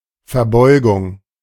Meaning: bow
- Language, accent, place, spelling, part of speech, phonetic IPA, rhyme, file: German, Germany, Berlin, Verbeugung, noun, [fɛɐ̯ˈbɔɪ̯ɡʊŋ], -ɔɪ̯ɡʊŋ, De-Verbeugung.ogg